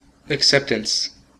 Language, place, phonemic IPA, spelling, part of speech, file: English, California, /əkˈsɛp.təns/, acceptance, noun, En-us-acceptance.ogg
- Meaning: 1. The act of accepting; the receiving of something offered, with acquiescence, approbation, or satisfaction; especially, favourable reception; approval 2. An instance of that act